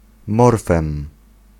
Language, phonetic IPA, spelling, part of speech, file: Polish, [ˈmɔrfɛ̃m], morfem, noun, Pl-morfem.ogg